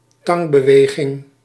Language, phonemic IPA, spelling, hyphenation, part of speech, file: Dutch, /ˈtɑŋ.bəˌʋeː.ɣɪŋ/, tangbeweging, tang‧be‧we‧ging, noun, Nl-tangbeweging.ogg
- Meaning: a pincer movement, a pincer attack